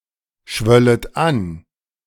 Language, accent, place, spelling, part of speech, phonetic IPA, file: German, Germany, Berlin, schwöllet an, verb, [ˌʃvœlət ˈan], De-schwöllet an.ogg
- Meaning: second-person plural subjunctive I of anschwellen